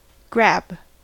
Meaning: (verb) 1. To grip suddenly; to seize; to clutch 2. To make a sudden grasping or clutching motion (at something) 3. To restrain someone; to arrest 4. To grip the attention of; to enthrall or interest
- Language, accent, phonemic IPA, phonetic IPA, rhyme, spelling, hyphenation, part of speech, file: English, US, /ˈɡɹæb/, [ˈɡɹʷæb], -æb, grab, grab, verb / noun, En-us-grab.ogg